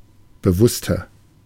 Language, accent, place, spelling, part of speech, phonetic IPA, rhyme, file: German, Germany, Berlin, bewusster, adjective, [bəˈvʊstɐ], -ʊstɐ, De-bewusster.ogg
- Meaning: 1. comparative degree of bewusst 2. inflection of bewusst: strong/mixed nominative masculine singular 3. inflection of bewusst: strong genitive/dative feminine singular